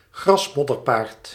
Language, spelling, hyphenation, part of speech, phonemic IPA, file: Dutch, grasmodderpaard, gras‧mod‧der‧paard, noun, /ˈɣrɑsmɔdərˌpaːrt/, Nl-grasmodderpaard.ogg
- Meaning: grass mud horse (Mythical Baidu deity used for circumventing censorship)